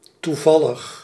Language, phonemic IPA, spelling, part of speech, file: Dutch, /tuˈvɑləx/, toevallig, adjective, Nl-toevallig.ogg
- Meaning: by chance, accidental, coincidental, fortuitous